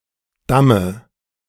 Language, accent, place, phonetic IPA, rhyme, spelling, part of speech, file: German, Germany, Berlin, [ˈdamə], -amə, Damme, noun, De-Damme.ogg
- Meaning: dative singular of Damm